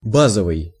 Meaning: 1. base 2. basic
- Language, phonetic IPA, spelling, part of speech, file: Russian, [ˈbazəvɨj], базовый, adjective, Ru-базовый.ogg